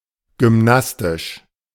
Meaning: gymnastic
- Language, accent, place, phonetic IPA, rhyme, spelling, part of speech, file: German, Germany, Berlin, [ɡʏmˈnastɪʃ], -astɪʃ, gymnastisch, adjective, De-gymnastisch.ogg